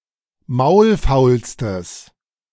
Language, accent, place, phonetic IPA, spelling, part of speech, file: German, Germany, Berlin, [ˈmaʊ̯lˌfaʊ̯lstəs], maulfaulstes, adjective, De-maulfaulstes.ogg
- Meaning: strong/mixed nominative/accusative neuter singular superlative degree of maulfaul